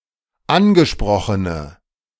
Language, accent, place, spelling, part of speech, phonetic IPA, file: German, Germany, Berlin, angesprochene, adjective, [ˈanɡəˌʃpʁɔxənə], De-angesprochene.ogg
- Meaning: inflection of angesprochen: 1. strong/mixed nominative/accusative feminine singular 2. strong nominative/accusative plural 3. weak nominative all-gender singular